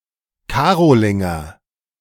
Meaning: Carolingian
- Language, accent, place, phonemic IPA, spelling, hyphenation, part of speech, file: German, Germany, Berlin, /ˈkaːʁolɪŋɐ/, Karolinger, Ka‧ro‧lin‧ger, noun, De-Karolinger.ogg